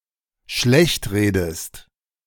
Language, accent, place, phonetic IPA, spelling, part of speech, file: German, Germany, Berlin, [ˈʃlɛçtˌʁeːdəst], schlechtredest, verb, De-schlechtredest.ogg
- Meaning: inflection of schlechtreden: 1. second-person singular dependent present 2. second-person singular dependent subjunctive I